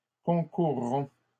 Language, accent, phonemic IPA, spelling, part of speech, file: French, Canada, /kɔ̃.kuʁ.ʁɔ̃/, concourront, verb, LL-Q150 (fra)-concourront.wav
- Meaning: third-person plural simple future of concourir